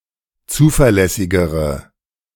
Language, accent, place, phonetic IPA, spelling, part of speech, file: German, Germany, Berlin, [ˈt͡suːfɛɐ̯ˌlɛsɪɡəʁə], zuverlässigere, adjective, De-zuverlässigere.ogg
- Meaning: inflection of zuverlässig: 1. strong/mixed nominative/accusative feminine singular comparative degree 2. strong nominative/accusative plural comparative degree